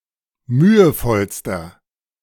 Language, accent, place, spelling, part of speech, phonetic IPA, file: German, Germany, Berlin, mühevollster, adjective, [ˈmyːəˌfɔlstɐ], De-mühevollster.ogg
- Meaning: inflection of mühevoll: 1. strong/mixed nominative masculine singular superlative degree 2. strong genitive/dative feminine singular superlative degree 3. strong genitive plural superlative degree